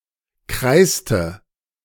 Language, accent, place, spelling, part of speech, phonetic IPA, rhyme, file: German, Germany, Berlin, kreiste, verb, [ˈkʁaɪ̯stə], -aɪ̯stə, De-kreiste.ogg
- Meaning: inflection of kreisen: 1. first/third-person singular preterite 2. first/third-person singular subjunctive II